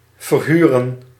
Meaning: to rent, rent out (To grant occupation in return for rent)
- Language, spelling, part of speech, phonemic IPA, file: Dutch, verhuren, verb / noun, /vərˈhyrə(n)/, Nl-verhuren.ogg